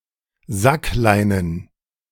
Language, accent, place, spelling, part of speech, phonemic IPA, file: German, Germany, Berlin, sackleinen, adjective, /ˈzakˌlaɪ̯nən/, De-sackleinen.ogg
- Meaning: sackcloth